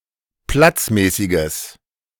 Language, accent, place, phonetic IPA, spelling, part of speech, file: German, Germany, Berlin, [ˈplat͡sˌmɛːsɪɡəs], platzmäßiges, adjective, De-platzmäßiges.ogg
- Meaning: strong/mixed nominative/accusative neuter singular of platzmäßig